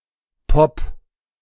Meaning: pop music
- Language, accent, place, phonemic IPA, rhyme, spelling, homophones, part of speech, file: German, Germany, Berlin, /pɔp/, -ɔp, Pop, popp, noun, De-Pop.ogg